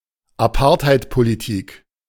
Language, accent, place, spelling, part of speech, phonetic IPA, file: German, Germany, Berlin, Apartheidpolitik, noun, [aˈpaːɐ̯thaɪ̯tpoliˌtiːk], De-Apartheidpolitik.ogg
- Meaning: apartheid policy